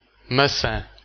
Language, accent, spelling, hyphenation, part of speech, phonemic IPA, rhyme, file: Portuguese, Portugal, maçã, ma‧çã, noun, /mɐˈsɐ̃/, -ɐ̃, Pt-pt-maçã.ogg
- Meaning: apple (fruit)